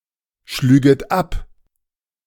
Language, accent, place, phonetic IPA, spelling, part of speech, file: German, Germany, Berlin, [ˌʃlyːɡət ˈap], schlüget ab, verb, De-schlüget ab.ogg
- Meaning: second-person plural subjunctive II of abschlagen